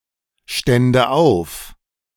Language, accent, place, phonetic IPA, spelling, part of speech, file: German, Germany, Berlin, [ˌʃtɛndə ˈaʊ̯f], stände auf, verb, De-stände auf.ogg
- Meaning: first/third-person singular subjunctive II of aufstehen